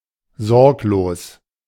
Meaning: 1. carefree, happy-go-lucky 2. careless
- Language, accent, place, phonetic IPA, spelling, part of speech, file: German, Germany, Berlin, [ˈzɔʁkloːs], sorglos, adjective, De-sorglos.ogg